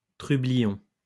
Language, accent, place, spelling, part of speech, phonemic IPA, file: French, France, Lyon, trublion, noun, /tʁy.bli.jɔ̃/, LL-Q150 (fra)-trublion.wav
- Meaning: troublemaker